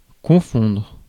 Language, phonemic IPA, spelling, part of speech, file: French, /kɔ̃.fɔ̃dʁ/, confondre, verb, Fr-confondre.ogg
- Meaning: 1. to confuse, to confound 2. to confuse (one thing with another), to mistake (one thing for another) 3. to mix in, to merge 4. to mix up, to get confused (with) 5. to coincide